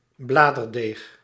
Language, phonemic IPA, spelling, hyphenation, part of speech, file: Dutch, /ˈblaː.dərˌdeːx/, bladerdeeg, bla‧der‧deeg, noun, Nl-bladerdeeg.ogg
- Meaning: puff pastry